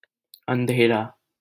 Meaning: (adjective) 1. dark 2. dismal, depressing, gloomy; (noun) 1. darkness, absence of light 2. night 3. blurriness, mist, bleakness 4. shadow 5. sorrow, hopelessness
- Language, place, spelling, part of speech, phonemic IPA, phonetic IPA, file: Hindi, Delhi, अँधेरा, adjective / noun, /ən.d̪ʱeː.ɾɑː/, [ɐ̃n̪.d̪ʱeː.ɾäː], LL-Q1568 (hin)-अँधेरा.wav